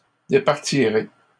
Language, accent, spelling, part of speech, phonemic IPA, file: French, Canada, départirai, verb, /de.paʁ.ti.ʁe/, LL-Q150 (fra)-départirai.wav
- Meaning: first-person singular simple future of départir